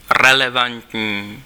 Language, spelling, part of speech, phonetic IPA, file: Czech, relevantní, adjective, [ˈrɛlɛvantɲiː], Cs-relevantní.ogg
- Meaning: relevant